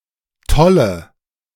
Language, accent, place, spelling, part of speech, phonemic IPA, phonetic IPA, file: German, Germany, Berlin, Tolle, noun, /ˈtɔlə/, [ˈtʰɔlə], De-Tolle.ogg
- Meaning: tuft (of hair); quiff